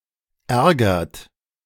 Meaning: inflection of ärgern: 1. third-person singular present 2. second-person plural present 3. plural imperative
- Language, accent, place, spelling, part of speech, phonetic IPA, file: German, Germany, Berlin, ärgert, verb, [ˈɛʁɡɐt], De-ärgert.ogg